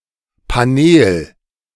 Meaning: panel; panelling (wooden surface)
- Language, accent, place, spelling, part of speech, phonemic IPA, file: German, Germany, Berlin, Paneel, noun, /paˈneːl/, De-Paneel.ogg